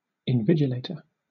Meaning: 1. A person who supervises students during an examination; a proctor 2. A person who supervises a gallery at a museum
- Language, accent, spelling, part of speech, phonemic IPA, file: English, Southern England, invigilator, noun, /ɪnˈvɪd͡ʒɪleɪtəɹ/, LL-Q1860 (eng)-invigilator.wav